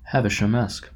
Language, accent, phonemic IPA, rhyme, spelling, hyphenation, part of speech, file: English, General American, /ˌhævɪʃəmˈɛsk/, -ɛsk, Havishamesque, Ha‧vi‧sham‧esque, adjective, En-us-Havishamesque.oga
- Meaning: Stuck in the past; also, refusing to accept change or failure